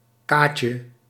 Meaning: diminutive of ka
- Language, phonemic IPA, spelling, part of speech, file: Dutch, /ˈkacə/, kaatje, noun, Nl-kaatje.ogg